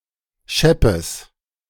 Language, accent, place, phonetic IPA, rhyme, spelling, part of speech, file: German, Germany, Berlin, [ˈʃɛpəs], -ɛpəs, scheppes, adjective, De-scheppes.ogg
- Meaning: strong/mixed nominative/accusative neuter singular of schepp